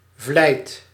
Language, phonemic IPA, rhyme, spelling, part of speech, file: Dutch, /vlɛi̯t/, -ɛi̯t, vlijt, noun, Nl-vlijt.ogg
- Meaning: diligence